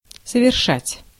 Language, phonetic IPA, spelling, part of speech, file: Russian, [səvʲɪrˈʂatʲ], совершать, verb, Ru-совершать.ogg
- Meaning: to accomplish, to perform, to commit, to perpetrate, to make